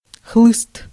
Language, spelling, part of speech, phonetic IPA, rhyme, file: Russian, хлыст, noun, [xɫɨst], -ɨst, Ru-хлыст.ogg
- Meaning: whip, switch (thin rod used as a whip)